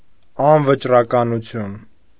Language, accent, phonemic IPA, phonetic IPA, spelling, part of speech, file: Armenian, Eastern Armenian, /ɑnvət͡ʃrɑkɑnuˈtʰjun/, [ɑnvət͡ʃrɑkɑnut͡sʰjún], անվճռականություն, noun, Hy-անվճռականություն.ogg
- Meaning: indetermination, irresolution, uncertainty